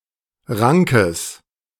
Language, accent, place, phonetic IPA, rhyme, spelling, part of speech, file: German, Germany, Berlin, [ˈʁaŋkəs], -aŋkəs, Rankes, noun, De-Rankes.ogg
- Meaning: genitive singular of Rank